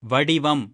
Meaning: 1. shape, form 2. body 3. beauty, comeliness, elegance 4. complexion, colour
- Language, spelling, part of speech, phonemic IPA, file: Tamil, வடிவம், noun, /ʋɐɖɪʋɐm/, Ta-வடிவம்.ogg